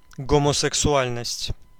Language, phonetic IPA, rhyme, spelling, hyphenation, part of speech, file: Russian, [ɡəməsɨksʊˈalʲnəsʲtʲ], -alʲnəsʲtʲ, гомосексуальность, го‧мо‧сек‧су‧аль‧ность, noun, Ru-гомосексуальность.ogg
- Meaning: homosexuality